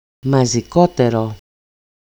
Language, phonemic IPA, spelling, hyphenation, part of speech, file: Greek, /ma.zi.ˈko.te.ro/, μαζικότερο, μα‧ζι‧κό‧τε‧ρο, adjective, EL-μαζικότερο.ogg
- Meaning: accusative masculine singular of μαζικότερος (mazikóteros), the comparative degree of μαζικός (mazikós)